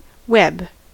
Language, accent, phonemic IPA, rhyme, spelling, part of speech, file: English, US, /wɛb/, -ɛb, web, noun / proper noun / verb, En-us-web.ogg
- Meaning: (noun) The silken structure which a spider builds using silk secreted from the spinnerets at the caudal tip of its abdomen; a spiderweb